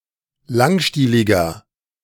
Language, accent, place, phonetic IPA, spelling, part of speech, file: German, Germany, Berlin, [ˈlaŋˌʃtiːlɪɡɐ], langstieliger, adjective, De-langstieliger.ogg
- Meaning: 1. comparative degree of langstielig 2. inflection of langstielig: strong/mixed nominative masculine singular 3. inflection of langstielig: strong genitive/dative feminine singular